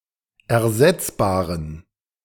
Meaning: inflection of ersetzbar: 1. strong genitive masculine/neuter singular 2. weak/mixed genitive/dative all-gender singular 3. strong/weak/mixed accusative masculine singular 4. strong dative plural
- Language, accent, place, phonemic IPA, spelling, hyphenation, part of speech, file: German, Germany, Berlin, /ɛɐ̯ˈzɛt͡sbaːʁən/, ersetzbaren, er‧setz‧ba‧ren, adjective, De-ersetzbaren.ogg